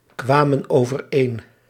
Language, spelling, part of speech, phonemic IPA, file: Dutch, kwamen overeen, verb, /ˈkwamə(n) ovərˈen/, Nl-kwamen overeen.ogg
- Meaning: inflection of overeenkomen: 1. plural past indicative 2. plural past subjunctive